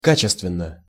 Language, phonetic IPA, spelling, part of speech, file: Russian, [ˈkat͡ɕɪstvʲɪn(ː)ə], качественно, adverb / adjective, Ru-качественно.ogg
- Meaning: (adverb) 1. with quality, of high quality 2. qualitatively; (adjective) short neuter singular of ка́чественный (káčestvennyj)